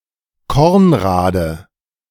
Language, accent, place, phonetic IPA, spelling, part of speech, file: German, Germany, Berlin, [ˈkɔʁnˌʁaːdə], Kornrade, noun, De-Kornrade.ogg
- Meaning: corncockle (plant of the genus Agrostemma)